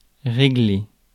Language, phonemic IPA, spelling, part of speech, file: French, /ʁe.ɡle/, régler, verb, Fr-régler.ogg
- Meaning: 1. to sort out, to settle (a problem, a bill) 2. to set, to adjust 3. to regulate 4. to rule; to put lines on